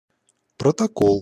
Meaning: 1. minutes, record 2. protocol
- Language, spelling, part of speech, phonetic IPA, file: Russian, протокол, noun, [prətɐˈkoɫ], Ru-протокол.ogg